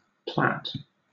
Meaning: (noun) 1. A plot of land; a lot 2. A map showing the boundaries of real properties (delineating one or more plots of land), especially one that forms part of a legal document 3. A plot, a scheme
- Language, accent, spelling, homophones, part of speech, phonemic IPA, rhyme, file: English, Southern England, plat, plait / Platte, noun / verb / adjective / adverb, /plæt/, -æt, LL-Q1860 (eng)-plat.wav